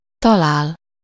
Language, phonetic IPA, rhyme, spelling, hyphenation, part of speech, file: Hungarian, [ˈtɒlaːl], -aːl, talál, ta‧lál, verb, Hu-talál.ogg
- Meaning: 1. to find, come across, stumble upon (encounter or discover by accident) 2. to find (encounter or discover something being searched for)